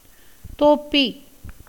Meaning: beer
- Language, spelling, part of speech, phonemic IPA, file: Tamil, தோப்பி, noun, /t̪oːpːiː/, Ta-தோப்பி.ogg